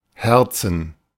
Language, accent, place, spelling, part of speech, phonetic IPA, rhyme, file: German, Germany, Berlin, herzen, verb, [ˈhɛʁt͡sn̩], -ɛʁt͡sn̩, De-herzen.ogg
- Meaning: 1. to hug, embrace 2. to caress